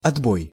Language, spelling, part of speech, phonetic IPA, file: Russian, отбой, noun, [ɐdˈboj], Ru-отбой.ogg
- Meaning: 1. over 2. all clear signal, ceasefire signal 3. retreat 4. ring off